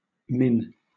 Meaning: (noun) 1. Abbreviation of minute 2. Clipping of minute; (adjective) Less; smaller; lower; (noun) Memory; remembrance; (verb) 1. to bring to the mind of; remind 2. to remember 3. to mention
- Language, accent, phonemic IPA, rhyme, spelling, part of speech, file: English, Southern England, /mɪn/, -ɪn, min, noun / adjective / verb, LL-Q1860 (eng)-min.wav